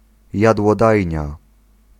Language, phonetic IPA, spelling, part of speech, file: Polish, [ˌjadwɔˈdajɲa], jadłodajnia, noun, Pl-jadłodajnia.ogg